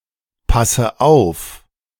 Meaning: inflection of aufpassen: 1. first-person singular present 2. first/third-person singular subjunctive I 3. singular imperative
- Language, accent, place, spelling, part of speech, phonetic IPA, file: German, Germany, Berlin, passe auf, verb, [ˌpasə ˈaʊ̯f], De-passe auf.ogg